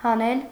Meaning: 1. to pull out, to extract 2. to take off a cloth 3. to remove, to displace 4. to withdraw 5. to subtract
- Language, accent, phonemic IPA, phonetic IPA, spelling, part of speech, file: Armenian, Eastern Armenian, /hɑˈnel/, [hɑnél], հանել, verb, Hy-հանել.ogg